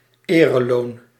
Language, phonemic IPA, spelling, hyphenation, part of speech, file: Dutch, /ˈeː.rəˌloːn/, ereloon, ere‧loon, noun, Nl-ereloon.ogg
- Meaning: an honorarium, a customary ('honorary') or often regulated fee for the highly qualified services of doctors, lawyers, architects, surveyors etc